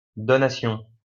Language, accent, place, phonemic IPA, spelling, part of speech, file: French, France, Lyon, /dɔ.na.sjɔ̃/, donation, noun, LL-Q150 (fra)-donation.wav
- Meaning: donation